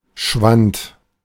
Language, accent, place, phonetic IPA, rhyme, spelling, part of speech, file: German, Germany, Berlin, [ʃvant], -ant, schwand, verb, De-schwand.ogg
- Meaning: first/third-person singular preterite of schwinden